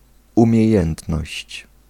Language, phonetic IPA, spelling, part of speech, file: Polish, [ˌũmʲjɛ̇ˈjɛ̃ntnɔɕt͡ɕ], umiejętność, noun, Pl-umiejętność.ogg